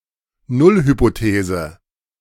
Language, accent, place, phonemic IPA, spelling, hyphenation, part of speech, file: German, Germany, Berlin, /ˈnʊlhypoˌteːzə/, Nullhypothese, Null‧hy‧po‧the‧se, noun, De-Nullhypothese.ogg
- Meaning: null hypothesis